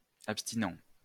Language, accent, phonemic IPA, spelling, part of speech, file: French, France, /ap.sti.nɑ̃/, abstinent, adjective / noun, LL-Q150 (fra)-abstinent.wav
- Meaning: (adjective) abstinent, teetotal; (noun) abstinent, teetotaler / teetotaller